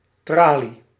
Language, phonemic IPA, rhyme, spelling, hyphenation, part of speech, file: Dutch, /traːli/, -aːli, tralie, tra‧lie, noun / verb, Nl-tralie.ogg
- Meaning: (noun) 1. a bar on a prison window or just any grill 2. lattice 3. diffraction grating; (verb) inflection of traliën: first-person singular present indicative